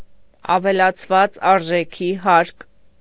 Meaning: value added tax
- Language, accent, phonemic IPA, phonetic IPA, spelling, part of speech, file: Armenian, Eastern Armenian, /ɑvelɑt͡sʰˈvɑt͡s ɑɾʒeˈkʰi hɑɾk/, [ɑvelɑt͡sʰvɑ́t͡s ɑɾʒekʰí hɑɾk], ավելացված արժեքի հարկ, noun, Hy-ավելացված արժեքի հարկ.ogg